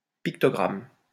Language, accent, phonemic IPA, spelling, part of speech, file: French, France, /pik.tɔ.ɡʁam/, pictogramme, noun, LL-Q150 (fra)-pictogramme.wav
- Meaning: pictogram (picture that represents a word or an idea)